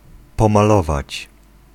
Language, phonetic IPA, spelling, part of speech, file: Polish, [ˌpɔ̃maˈlɔvat͡ɕ], pomalować, verb, Pl-pomalować.ogg